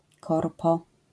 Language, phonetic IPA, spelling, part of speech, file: Polish, [ˈkɔrpɔ], korpo, noun, LL-Q809 (pol)-korpo.wav